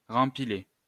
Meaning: to reenlist
- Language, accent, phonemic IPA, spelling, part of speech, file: French, France, /ʁɑ̃.pi.le/, rempiler, verb, LL-Q150 (fra)-rempiler.wav